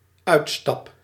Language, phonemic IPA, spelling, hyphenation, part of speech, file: Dutch, /ˈœy̯t.stɑp/, uitstap, uit‧stap, noun / verb, Nl-uitstap.ogg
- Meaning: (noun) 1. trip, excursion, outing 2. an exit: the act of leaving something, sometimes an act of physically stepping or moving out of something 3. an exit: the process of abandoning, phasing out